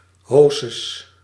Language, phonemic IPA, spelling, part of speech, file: Dutch, /ˈhosəs/, hausses, noun, Nl-hausses.ogg
- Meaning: plural of hausse